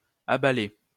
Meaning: third-person plural imperfect indicative of abaler
- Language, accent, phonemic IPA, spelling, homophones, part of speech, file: French, France, /a.ba.lɛ/, abalaient, abalais / abalait, verb, LL-Q150 (fra)-abalaient.wav